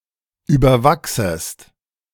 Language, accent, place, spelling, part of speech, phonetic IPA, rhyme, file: German, Germany, Berlin, überwachsest, verb, [ˌyːbɐˈvaksəst], -aksəst, De-überwachsest.ogg
- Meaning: second-person singular subjunctive I of überwachsen